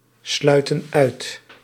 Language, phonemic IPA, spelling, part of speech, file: Dutch, /ˈslœytə(n) ˈœyt/, sluiten uit, verb, Nl-sluiten uit.ogg
- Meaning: inflection of uitsluiten: 1. plural present indicative 2. plural present subjunctive